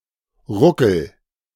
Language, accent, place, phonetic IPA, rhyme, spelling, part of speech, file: German, Germany, Berlin, [ˈʁʊkl̩], -ʊkl̩, ruckel, verb, De-ruckel.ogg
- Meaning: inflection of ruckeln: 1. first-person singular present 2. singular imperative